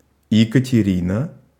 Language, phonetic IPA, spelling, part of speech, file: Russian, [(j)ɪkətʲɪˈrʲinə], Екатерина, proper noun, Ru-Екатерина.ogg
- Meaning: a female given name, Ekaterina, from Ancient Greek, equivalent to English Catherine